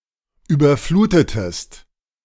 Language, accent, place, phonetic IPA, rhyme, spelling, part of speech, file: German, Germany, Berlin, [ˌyːbɐˈfluːtətəst], -uːtətəst, überflutetest, verb, De-überflutetest.ogg
- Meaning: inflection of überfluten: 1. second-person singular preterite 2. second-person singular subjunctive II